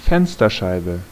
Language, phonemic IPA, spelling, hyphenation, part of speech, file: German, /ˈfɛnstɐˌʃaɪ̯bə/, Fensterscheibe, Fens‧ter‧schei‧be, noun, De-Fensterscheibe.ogg
- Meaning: window pane